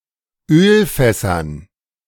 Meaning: dative plural of Ölfass
- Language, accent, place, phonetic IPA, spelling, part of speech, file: German, Germany, Berlin, [ˈøːlˌfɛsɐn], Ölfässern, noun, De-Ölfässern.ogg